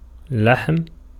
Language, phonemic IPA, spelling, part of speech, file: Arabic, /laħm/, لحم, noun, Ar-لحم.ogg
- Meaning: flesh, meat